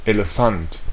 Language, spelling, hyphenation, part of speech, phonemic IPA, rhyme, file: German, Elefant, Ele‧fant, noun, /eləˈfant/, -ant, De-Elefant.ogg
- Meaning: elephant